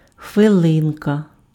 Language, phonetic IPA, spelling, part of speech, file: Ukrainian, [xʋeˈɫɪnkɐ], хвилинка, noun, Uk-хвилинка.ogg
- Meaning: endearing diminutive of хвили́на (xvylýna): minute, (short) moment, instant